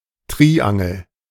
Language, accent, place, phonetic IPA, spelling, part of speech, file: German, Germany, Berlin, [ˈtʁiːʔaŋl̩], Triangel, noun, De-Triangel.ogg
- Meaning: 1. triangle 2. triangular tear in clothing 3. triangle, trigon